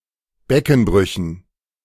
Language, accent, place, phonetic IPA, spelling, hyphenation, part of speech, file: German, Germany, Berlin, [ˈbɛkn̩ˌbʁʏçn̩], Beckenbrüchen, Be‧cken‧brü‧chen, noun, De-Beckenbrüchen.ogg
- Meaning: dative plural of Beckenbruch